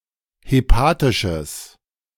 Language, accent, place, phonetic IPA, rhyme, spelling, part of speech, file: German, Germany, Berlin, [heˈpaːtɪʃəs], -aːtɪʃəs, hepatisches, adjective, De-hepatisches.ogg
- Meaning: strong/mixed nominative/accusative neuter singular of hepatisch